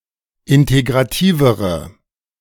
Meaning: inflection of integrativ: 1. strong/mixed nominative/accusative feminine singular comparative degree 2. strong nominative/accusative plural comparative degree
- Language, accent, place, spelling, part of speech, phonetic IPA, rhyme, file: German, Germany, Berlin, integrativere, adjective, [ˌɪnteɡʁaˈtiːvəʁə], -iːvəʁə, De-integrativere.ogg